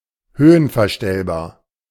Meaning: height-adjustable
- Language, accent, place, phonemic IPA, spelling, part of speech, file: German, Germany, Berlin, /ˈhøːənfɛɐ̯ˌʃtɛlbaːɐ̯/, höhenverstellbar, adjective, De-höhenverstellbar.ogg